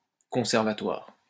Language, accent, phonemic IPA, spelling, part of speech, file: French, France, /kɔ̃.sɛʁ.va.twaʁ/, conservatoire, adjective / noun, LL-Q150 (fra)-conservatoire.wav
- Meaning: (adjective) conservative; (noun) 1. conservatory (for the maintenance of tradition) 2. music academy